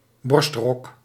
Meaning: a type of long shirt covering the entire torso down to the thighs
- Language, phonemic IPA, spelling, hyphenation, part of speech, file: Dutch, /ˈbɔrst.rɔk/, borstrok, borst‧rok, noun, Nl-borstrok.ogg